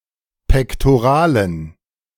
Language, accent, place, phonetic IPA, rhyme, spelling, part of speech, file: German, Germany, Berlin, [pɛktoˈʁaːlən], -aːlən, pektoralen, adjective, De-pektoralen.ogg
- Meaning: inflection of pektoral: 1. strong genitive masculine/neuter singular 2. weak/mixed genitive/dative all-gender singular 3. strong/weak/mixed accusative masculine singular 4. strong dative plural